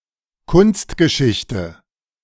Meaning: art history
- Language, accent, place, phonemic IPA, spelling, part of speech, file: German, Germany, Berlin, /kʊnstɡəˌʃɪçtə/, Kunstgeschichte, noun, De-Kunstgeschichte.ogg